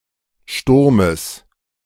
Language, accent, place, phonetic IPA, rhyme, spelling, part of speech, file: German, Germany, Berlin, [ˈʃtʊʁməs], -ʊʁməs, Sturmes, noun, De-Sturmes.ogg
- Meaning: genitive singular of Sturm